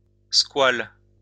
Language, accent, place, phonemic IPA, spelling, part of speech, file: French, France, Lyon, /skwal/, squale, noun, LL-Q150 (fra)-squale.wav
- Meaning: shark